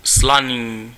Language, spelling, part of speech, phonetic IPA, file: Czech, slaný, adjective, [ˈslaniː], Cs-slaný.ogg
- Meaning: salty